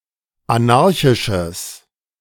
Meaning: strong/mixed nominative/accusative neuter singular of anarchisch
- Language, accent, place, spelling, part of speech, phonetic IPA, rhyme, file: German, Germany, Berlin, anarchisches, adjective, [aˈnaʁçɪʃəs], -aʁçɪʃəs, De-anarchisches.ogg